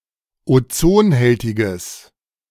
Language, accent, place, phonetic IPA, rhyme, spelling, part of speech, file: German, Germany, Berlin, [oˈt͡soːnˌhɛltɪɡəs], -oːnhɛltɪɡəs, ozonhältiges, adjective, De-ozonhältiges.ogg
- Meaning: strong/mixed nominative/accusative neuter singular of ozonhältig